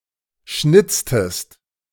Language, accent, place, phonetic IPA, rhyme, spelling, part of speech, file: German, Germany, Berlin, [ˈʃnɪt͡stəst], -ɪt͡stəst, schnitztest, verb, De-schnitztest.ogg
- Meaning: inflection of schnitzen: 1. second-person singular preterite 2. second-person singular subjunctive II